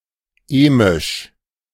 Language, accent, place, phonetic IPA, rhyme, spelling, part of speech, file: German, Germany, Berlin, [ˈeːmɪʃ], -eːmɪʃ, emisch, adjective, De-emisch.ogg
- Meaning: emic